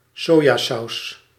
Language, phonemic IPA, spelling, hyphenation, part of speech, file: Dutch, /ˈsoː.jaːˌsɑu̯s/, sojasaus, so‧ja‧saus, noun, Nl-sojasaus.ogg
- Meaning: soy sauce